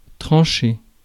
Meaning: 1. to slice, cut into slices 2. to complete, conclude 3. to decide, settle, address 4. to rule, make a ruling, come to a decision 5. to behave or comport oneself (as if one were)
- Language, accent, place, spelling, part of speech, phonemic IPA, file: French, France, Paris, trancher, verb, /tʁɑ̃.ʃe/, Fr-trancher.ogg